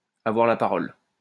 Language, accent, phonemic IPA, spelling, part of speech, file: French, France, /a.vwaʁ la pa.ʁɔl/, avoir la parole, verb, LL-Q150 (fra)-avoir la parole.wav
- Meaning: to have the floor